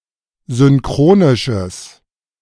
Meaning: strong/mixed nominative/accusative neuter singular of synchronisch
- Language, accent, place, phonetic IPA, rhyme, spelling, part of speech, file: German, Germany, Berlin, [zʏnˈkʁoːnɪʃəs], -oːnɪʃəs, synchronisches, adjective, De-synchronisches.ogg